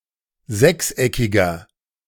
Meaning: inflection of sechseckig: 1. strong/mixed nominative masculine singular 2. strong genitive/dative feminine singular 3. strong genitive plural
- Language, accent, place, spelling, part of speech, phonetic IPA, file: German, Germany, Berlin, sechseckiger, adjective, [ˈzɛksˌʔɛkɪɡɐ], De-sechseckiger.ogg